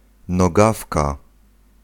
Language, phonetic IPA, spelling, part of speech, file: Polish, [nɔˈɡafka], nogawka, noun, Pl-nogawka.ogg